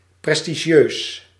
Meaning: prestigious
- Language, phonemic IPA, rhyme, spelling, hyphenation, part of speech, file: Dutch, /ˌprɛs.tiˈʒiøːs/, -øːs, prestigieus, pres‧ti‧gieus, adjective, Nl-prestigieus.ogg